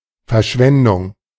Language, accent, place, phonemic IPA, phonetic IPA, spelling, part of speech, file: German, Germany, Berlin, /fɛrˈʃvɛndʊŋ/, [fɛɐ̯ˈʃvɛndʊŋ], Verschwendung, noun, De-Verschwendung.ogg
- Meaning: waste